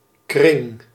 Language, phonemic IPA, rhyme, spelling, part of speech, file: Dutch, /krɪŋ/, -ɪŋ, kring, noun, Nl-kring.ogg
- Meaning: 1. circle; round figure 2. circle, clique (a community of people with a shared common interest) 3. a circular stain left on a table by a wet glass 4. the student organization of a university faculty